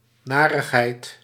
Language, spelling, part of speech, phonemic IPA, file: Dutch, narigheid, noun, /naː.rəx.ɦɛi̯t/, Nl-narigheid.ogg
- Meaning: unpleasantness